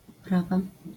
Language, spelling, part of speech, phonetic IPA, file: Polish, uprawa, noun, [uˈprava], LL-Q809 (pol)-uprawa.wav